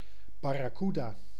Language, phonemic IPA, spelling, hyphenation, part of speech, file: Dutch, /ˌbɑ.raːˈky.daː/, barracuda, bar‧ra‧cu‧da, noun, Nl-barracuda.ogg
- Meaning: barracuda, fish of the genus Sphyraena